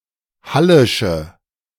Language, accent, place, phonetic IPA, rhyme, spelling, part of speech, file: German, Germany, Berlin, [ˈhalɪʃə], -alɪʃə, hallische, adjective, De-hallische.ogg
- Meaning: inflection of hallisch: 1. strong/mixed nominative/accusative feminine singular 2. strong nominative/accusative plural 3. weak nominative all-gender singular